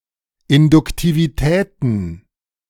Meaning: plural of Induktivität
- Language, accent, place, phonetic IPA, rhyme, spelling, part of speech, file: German, Germany, Berlin, [ˌɪndʊktiviˈtɛːtn̩], -ɛːtn̩, Induktivitäten, noun, De-Induktivitäten.ogg